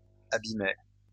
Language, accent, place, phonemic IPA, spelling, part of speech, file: French, France, Lyon, /a.bi.mɛ/, abîmaient, verb, LL-Q150 (fra)-abîmaient.wav
- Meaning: third-person plural imperfect indicative of abîmer